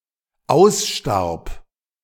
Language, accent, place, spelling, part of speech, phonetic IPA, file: German, Germany, Berlin, ausstarb, verb, [ˈaʊ̯sˌʃtaʁp], De-ausstarb.ogg
- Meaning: first/third-person singular dependent preterite of aussterben